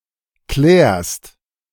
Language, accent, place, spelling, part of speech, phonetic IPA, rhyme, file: German, Germany, Berlin, klärst, verb, [klɛːɐ̯st], -ɛːɐ̯st, De-klärst.ogg
- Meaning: second-person singular present of klären